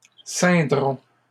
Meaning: third-person plural simple future of ceindre
- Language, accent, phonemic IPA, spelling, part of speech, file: French, Canada, /sɛ̃.dʁɔ̃/, ceindront, verb, LL-Q150 (fra)-ceindront.wav